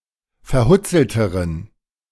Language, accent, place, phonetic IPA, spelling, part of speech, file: German, Germany, Berlin, [fɛɐ̯ˈhʊt͡sl̩təʁən], verhutzelteren, adjective, De-verhutzelteren.ogg
- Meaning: inflection of verhutzelt: 1. strong genitive masculine/neuter singular comparative degree 2. weak/mixed genitive/dative all-gender singular comparative degree